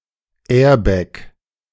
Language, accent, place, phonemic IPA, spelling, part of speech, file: German, Germany, Berlin, /ˈɛːʁbɛk/, Airbag, noun, De-Airbag2.ogg
- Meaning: airbag